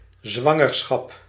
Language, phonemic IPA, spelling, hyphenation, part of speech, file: Dutch, /ˈzʋɑ.ŋərˌsxɑp/, zwangerschap, zwan‧ger‧schap, noun, Nl-zwangerschap.ogg
- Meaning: pregnancy